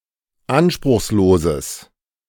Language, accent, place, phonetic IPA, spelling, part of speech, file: German, Germany, Berlin, [ˈanʃpʁʊxsˌloːzəs], anspruchsloses, adjective, De-anspruchsloses.ogg
- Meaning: strong/mixed nominative/accusative neuter singular of anspruchslos